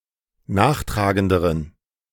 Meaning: inflection of nachtragend: 1. strong genitive masculine/neuter singular comparative degree 2. weak/mixed genitive/dative all-gender singular comparative degree
- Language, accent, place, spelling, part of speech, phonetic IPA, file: German, Germany, Berlin, nachtragenderen, adjective, [ˈnaːxˌtʁaːɡəndəʁən], De-nachtragenderen.ogg